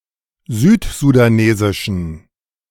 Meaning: inflection of südsudanesisch: 1. strong genitive masculine/neuter singular 2. weak/mixed genitive/dative all-gender singular 3. strong/weak/mixed accusative masculine singular 4. strong dative plural
- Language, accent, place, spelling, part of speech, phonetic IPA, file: German, Germany, Berlin, südsudanesischen, adjective, [ˈzyːtzudaˌneːzɪʃn̩], De-südsudanesischen.ogg